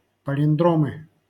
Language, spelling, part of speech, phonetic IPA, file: Russian, палиндромы, noun, [pəlʲɪnˈdromɨ], LL-Q7737 (rus)-палиндромы.wav
- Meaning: nominative/accusative plural of палиндро́м (palindróm)